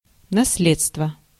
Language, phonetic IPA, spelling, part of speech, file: Russian, [nɐs⁽ʲ⁾ˈlʲet͡stvə], наследство, noun, Ru-наследство.ogg
- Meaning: 1. heirloom, heritage, legacy (property passed from a deceased person to others) 2. heritage (cultural phenomena passed on from predecessors) 3. inheritance